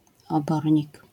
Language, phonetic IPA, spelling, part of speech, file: Polish, [ɔˈbɔrʲɲik], obornik, noun, LL-Q809 (pol)-obornik.wav